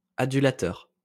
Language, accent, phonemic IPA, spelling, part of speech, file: French, France, /a.dy.la.tœʁ/, adulateur, noun, LL-Q150 (fra)-adulateur.wav
- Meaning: adulator